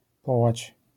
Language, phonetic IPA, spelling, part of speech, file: Polish, [ˈpɔwat͡ɕ], połać, noun, LL-Q809 (pol)-połać.wav